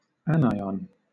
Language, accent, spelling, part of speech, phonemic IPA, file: English, Southern England, anion, noun, /ˈænˌaɪ.ɒn/, LL-Q1860 (eng)-anion.wav
- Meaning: A negatively charged ion